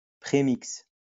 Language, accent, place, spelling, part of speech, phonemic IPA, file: French, France, Lyon, prémix, noun, /pʁe.miks/, LL-Q150 (fra)-prémix.wav
- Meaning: a premixed alcoholic drink